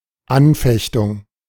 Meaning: 1. temptation 2. appeal 3. legal challenge
- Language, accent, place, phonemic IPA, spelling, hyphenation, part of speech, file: German, Germany, Berlin, /ˈanˌfɛçtʊŋ/, Anfechtung, An‧fech‧tung, noun, De-Anfechtung.ogg